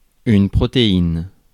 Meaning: protein
- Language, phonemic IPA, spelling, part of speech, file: French, /pʁɔ.te.in/, protéine, noun, Fr-protéine.ogg